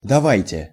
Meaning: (verb) second-person plural imperative imperfective of дава́ть (davátʹ); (particle) 1. to let 2. let us, let's
- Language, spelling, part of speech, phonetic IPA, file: Russian, давайте, verb / particle, [dɐˈvajtʲe], Ru-давайте.ogg